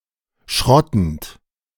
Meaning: present participle of schrotten
- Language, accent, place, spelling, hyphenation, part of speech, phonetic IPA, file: German, Germany, Berlin, schrottend, schrot‧tend, verb, [ˈʃʁɔtn̩t], De-schrottend.ogg